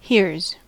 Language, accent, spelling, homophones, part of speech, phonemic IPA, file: English, US, here's, hears, contraction, /hɪɹz/, En-us-here's.ogg
- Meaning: 1. Contraction of here + is 2. Contraction of here + are